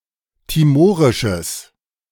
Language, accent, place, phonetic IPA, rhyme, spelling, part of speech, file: German, Germany, Berlin, [tiˈmoːʁɪʃəs], -oːʁɪʃəs, timorisches, adjective, De-timorisches.ogg
- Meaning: strong/mixed nominative/accusative neuter singular of timorisch